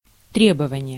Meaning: demand, request, claim (act of requesting)
- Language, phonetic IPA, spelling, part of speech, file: Russian, [ˈtrʲebəvənʲɪje], требование, noun, Ru-требование.ogg